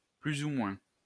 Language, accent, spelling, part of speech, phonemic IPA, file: French, France, plus ou moins, adverb, /ply.z‿u mwɛ̃/, LL-Q150 (fra)-plus ou moins.wav
- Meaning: more or less (approximately)